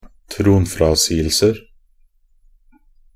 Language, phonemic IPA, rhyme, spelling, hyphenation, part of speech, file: Norwegian Bokmål, /tɾuːnfɾɑsiːəlsər/, -ər, tronfrasigelser, tron‧fra‧sig‧el‧ser, noun, Nb-tronfrasigelser.ogg
- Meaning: indefinite plural of tronfrasigelse